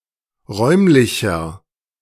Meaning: inflection of räumlich: 1. strong/mixed nominative masculine singular 2. strong genitive/dative feminine singular 3. strong genitive plural
- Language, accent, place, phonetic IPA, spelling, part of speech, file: German, Germany, Berlin, [ˈʁɔɪ̯mlɪçɐ], räumlicher, adjective, De-räumlicher.ogg